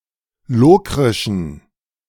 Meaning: inflection of lokrisch: 1. strong genitive masculine/neuter singular 2. weak/mixed genitive/dative all-gender singular 3. strong/weak/mixed accusative masculine singular 4. strong dative plural
- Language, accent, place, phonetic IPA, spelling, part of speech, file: German, Germany, Berlin, [ˈloːkʁɪʃn̩], lokrischen, adjective, De-lokrischen.ogg